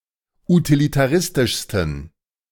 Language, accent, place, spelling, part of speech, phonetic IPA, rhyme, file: German, Germany, Berlin, utilitaristischsten, adjective, [utilitaˈʁɪstɪʃstn̩], -ɪstɪʃstn̩, De-utilitaristischsten.ogg
- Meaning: 1. superlative degree of utilitaristisch 2. inflection of utilitaristisch: strong genitive masculine/neuter singular superlative degree